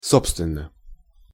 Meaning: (adverb) as a matter of fact, in fact; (adjective) short neuter singular of со́бственный (sóbstvennyj)
- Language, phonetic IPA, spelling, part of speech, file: Russian, [ˈsopstvʲɪn(ː)ə], собственно, adverb / adjective, Ru-собственно.ogg